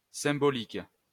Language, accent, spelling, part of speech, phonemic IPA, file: French, France, symbolique, adjective, /sɛ̃.bɔ.lik/, LL-Q150 (fra)-symbolique.wav
- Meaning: symbolic